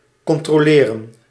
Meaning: 1. to check 2. to control
- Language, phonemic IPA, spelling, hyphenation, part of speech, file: Dutch, /kɔntroːˈleːrə(n)/, controleren, con‧tro‧le‧ren, verb, Nl-controleren.ogg